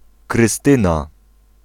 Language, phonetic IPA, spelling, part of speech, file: Polish, [krɨˈstɨ̃na], Krystyna, proper noun / noun, Pl-Krystyna.ogg